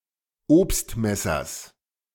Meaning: genitive singular of Obstmesser
- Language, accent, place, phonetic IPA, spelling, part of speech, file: German, Germany, Berlin, [ˈoːpstˌmɛsɐs], Obstmessers, noun, De-Obstmessers.ogg